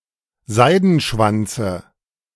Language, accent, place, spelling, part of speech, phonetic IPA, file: German, Germany, Berlin, Seidenschwanze, noun, [ˈzaɪ̯dn̩ˌʃvant͡sə], De-Seidenschwanze.ogg
- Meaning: dative of Seidenschwanz